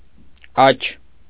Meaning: alternative form of աչք (ačʻkʻ)
- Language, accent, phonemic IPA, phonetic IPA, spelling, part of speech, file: Armenian, Eastern Armenian, /ɑt͡ʃʰ/, [ɑt͡ʃʰ], աչ, noun, Hy-աչ.ogg